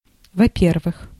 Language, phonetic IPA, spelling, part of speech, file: Russian, [vɐ‿ˈpʲervɨx], во-первых, adverb, Ru-во-первых.ogg
- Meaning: first, first of all, for one thing, firstly